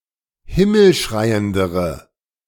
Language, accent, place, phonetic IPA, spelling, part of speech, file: German, Germany, Berlin, [ˈhɪml̩ˌʃʁaɪ̯əndəʁə], himmelschreiendere, adjective, De-himmelschreiendere.ogg
- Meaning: inflection of himmelschreiend: 1. strong/mixed nominative/accusative feminine singular comparative degree 2. strong nominative/accusative plural comparative degree